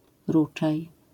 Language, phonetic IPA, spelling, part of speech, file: Polish, [ˈrut͡ʃaj], ruczaj, noun, LL-Q809 (pol)-ruczaj.wav